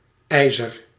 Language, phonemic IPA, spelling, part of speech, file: Dutch, /ˈɛi̯zər/, IJzer, proper noun, Nl-IJzer.ogg
- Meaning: Yser, a river that flows through French and West Flanders to the North Sea